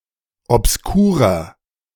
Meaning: 1. comparative degree of obskur 2. inflection of obskur: strong/mixed nominative masculine singular 3. inflection of obskur: strong genitive/dative feminine singular
- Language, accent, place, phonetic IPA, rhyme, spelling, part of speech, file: German, Germany, Berlin, [ɔpsˈkuːʁɐ], -uːʁɐ, obskurer, adjective, De-obskurer.ogg